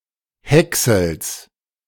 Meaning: genitive singular of Häcksel
- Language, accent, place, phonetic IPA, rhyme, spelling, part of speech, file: German, Germany, Berlin, [ˈhɛksl̩s], -ɛksl̩s, Häcksels, noun, De-Häcksels.ogg